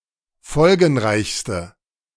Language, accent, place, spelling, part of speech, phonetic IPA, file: German, Germany, Berlin, folgenreichste, adjective, [ˈfɔlɡn̩ˌʁaɪ̯çstə], De-folgenreichste.ogg
- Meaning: inflection of folgenreich: 1. strong/mixed nominative/accusative feminine singular superlative degree 2. strong nominative/accusative plural superlative degree